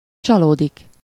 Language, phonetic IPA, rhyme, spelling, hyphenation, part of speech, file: Hungarian, [ˈt͡ʃɒloːdik], -oːdik, csalódik, csa‧ló‧dik, verb, Hu-csalódik.ogg
- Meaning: to be disappointed (at someone or something: -ban/-ben)